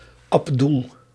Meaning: a male given name from Arabic, equivalent to English Abdul
- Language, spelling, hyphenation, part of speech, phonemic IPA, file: Dutch, Abdoel, Ab‧doel, proper noun, /ˈɑp.dul/, Nl-Abdoel.ogg